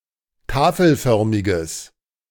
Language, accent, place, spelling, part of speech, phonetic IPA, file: German, Germany, Berlin, tafelförmiges, adjective, [ˈtaːfl̩ˌfœʁmɪɡəs], De-tafelförmiges.ogg
- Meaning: strong/mixed nominative/accusative neuter singular of tafelförmig